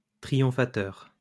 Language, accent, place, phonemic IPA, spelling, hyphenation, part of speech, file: French, France, Lyon, /tʁi.jɔ̃.fa.tœʁ/, triomphateur, tri‧om‧pha‧teur, noun / adjective, LL-Q150 (fra)-triomphateur.wav
- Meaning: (noun) victor, winner; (adjective) triumphant